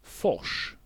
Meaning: 1. a rapids, white water 2. a chute (in a river)
- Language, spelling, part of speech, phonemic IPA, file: Swedish, fors, noun, /fɔʂː/, Sv-fors.ogg